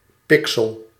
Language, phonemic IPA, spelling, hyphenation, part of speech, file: Dutch, /ˈpɪk.səl/, pixel, pi‧xel, noun, Nl-pixel.ogg
- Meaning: pixel